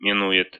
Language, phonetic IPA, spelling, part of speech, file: Russian, [mʲɪˈnu(j)ɪt], минует, verb, Ru-мину́ет.ogg
- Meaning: inflection of минова́ть (minovátʹ): 1. third-person singular present indicative imperfective 2. third-person singular future indicative perfective